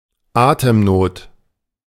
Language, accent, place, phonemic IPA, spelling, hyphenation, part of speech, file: German, Germany, Berlin, /ˈaː.təmˌnoːt/, Atemnot, Atem‧not, noun, De-Atemnot.ogg
- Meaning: shortness of breath, breathlessness, dyspnea